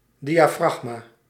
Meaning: 1. aperture (something which restricts the diameter of the light path through one plane in an optical system) 2. diaphragm: the muscle between thorax and abdomen needed for breething
- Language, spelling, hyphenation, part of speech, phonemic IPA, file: Dutch, diafragma, di‧a‧frag‧ma, noun, /dijaːˈfrɑxmaː/, Nl-diafragma.ogg